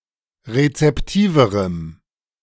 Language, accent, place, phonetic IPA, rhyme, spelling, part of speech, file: German, Germany, Berlin, [ʁet͡sɛpˈtiːvəʁəm], -iːvəʁəm, rezeptiverem, adjective, De-rezeptiverem.ogg
- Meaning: strong dative masculine/neuter singular comparative degree of rezeptiv